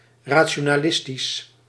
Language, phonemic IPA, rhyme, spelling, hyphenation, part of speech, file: Dutch, /ˌraː.(t)ʃoː.naːˈlɪs.tis/, -ɪstis, rationalistisch, ra‧ti‧o‧na‧lis‧tisch, adjective, Nl-rationalistisch.ogg
- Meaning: rationalist (according to rationalism, in the manner of rationalists)